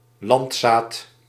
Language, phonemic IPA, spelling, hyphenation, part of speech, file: Dutch, /ˈlɑnt.saːt/, landzaat, land‧zaat, noun, Nl-landzaat.ogg
- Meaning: 1. a farmer, a peasant 2. an inhabitant